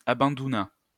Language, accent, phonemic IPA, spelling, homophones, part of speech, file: French, France, /a.bɑ̃.du.na/, abandouna, abandounas / abandounât, verb, LL-Q150 (fra)-abandouna.wav
- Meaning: third-person singular past historic of abandouner